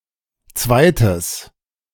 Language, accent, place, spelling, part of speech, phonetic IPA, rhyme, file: German, Germany, Berlin, zweites, adjective, [ˈt͡svaɪ̯təs], -aɪ̯təs, De-zweites.ogg
- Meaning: strong/mixed nominative/accusative neuter singular of zweite